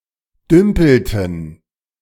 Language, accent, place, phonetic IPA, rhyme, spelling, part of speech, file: German, Germany, Berlin, [ˈdʏmpl̩tn̩], -ʏmpl̩tn̩, dümpelten, verb, De-dümpelten.ogg
- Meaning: inflection of dümpeln: 1. first/third-person plural preterite 2. first/third-person plural subjunctive II